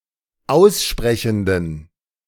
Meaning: inflection of aussprechend: 1. strong genitive masculine/neuter singular 2. weak/mixed genitive/dative all-gender singular 3. strong/weak/mixed accusative masculine singular 4. strong dative plural
- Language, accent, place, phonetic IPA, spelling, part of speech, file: German, Germany, Berlin, [ˈaʊ̯sˌʃpʁɛçn̩dən], aussprechenden, adjective, De-aussprechenden.ogg